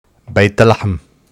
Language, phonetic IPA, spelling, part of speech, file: Arabic, [be̞ːt la.ħam], بيت لحم, proper noun, ArBethlehem.ogg
- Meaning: Bethlehem (a city in the West Bank, Palestine)